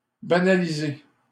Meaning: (verb) past participle of banaliser; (adjective) unmarked, undercover
- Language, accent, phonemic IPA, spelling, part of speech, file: French, Canada, /ba.na.li.ze/, banalisé, verb / adjective, LL-Q150 (fra)-banalisé.wav